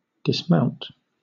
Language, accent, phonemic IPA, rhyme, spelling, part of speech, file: English, Southern England, /dɪsˈmaʊnt/, -aʊnt, dismount, verb / noun, LL-Q1860 (eng)-dismount.wav
- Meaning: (verb) 1. To (cause to) get off (something) 2. To make (a mounted drive) unavailable for use 3. To come down; to descend 4. To throw (cannon) off their carriages